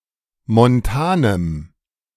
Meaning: strong dative masculine/neuter singular of montan
- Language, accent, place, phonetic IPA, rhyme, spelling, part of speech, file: German, Germany, Berlin, [mɔnˈtaːnəm], -aːnəm, montanem, adjective, De-montanem.ogg